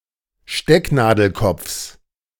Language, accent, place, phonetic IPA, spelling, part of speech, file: German, Germany, Berlin, [ˈʃtɛknaːdl̩ˌkɔp͡fs], Stecknadelkopfs, noun, De-Stecknadelkopfs.ogg
- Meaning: genitive singular of Stecknadelkopf